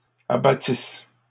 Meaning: first-person singular imperfect subjunctive of abattre
- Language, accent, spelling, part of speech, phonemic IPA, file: French, Canada, abattisse, verb, /a.ba.tis/, LL-Q150 (fra)-abattisse.wav